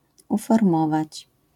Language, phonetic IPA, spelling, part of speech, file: Polish, [ˌufɔrˈmɔvat͡ɕ], uformować, verb, LL-Q809 (pol)-uformować.wav